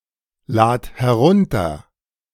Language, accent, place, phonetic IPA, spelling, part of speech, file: German, Germany, Berlin, [ˌlaːt hɛˈʁʊntɐ], lad herunter, verb, De-lad herunter.ogg
- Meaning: singular imperative of herunterladen